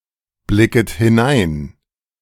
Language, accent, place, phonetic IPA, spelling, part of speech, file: German, Germany, Berlin, [ˌblɪkət hɪˈnaɪ̯n], blicket hinein, verb, De-blicket hinein.ogg
- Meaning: second-person plural subjunctive I of hineinblicken